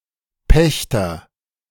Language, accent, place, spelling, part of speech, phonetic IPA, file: German, Germany, Berlin, Pächter, noun, [ˈpɛçtɐ], De-Pächter.ogg
- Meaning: agent noun of pachten: tenant (male or of unspecified gender)